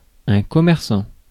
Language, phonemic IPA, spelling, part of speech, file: French, /kɔ.mɛʁ.sɑ̃/, commerçant, adjective / noun / verb, Fr-commerçant.ogg
- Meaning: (adjective) trading; mercantile; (noun) 1. trader, retailer 2. shopkeeper, storekeeper; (verb) present participle of commercer